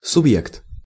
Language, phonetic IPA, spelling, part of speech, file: Russian, [sʊbˈjekt], субъект, noun, Ru-субъект.ogg
- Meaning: 1. subject 2. character 3. individual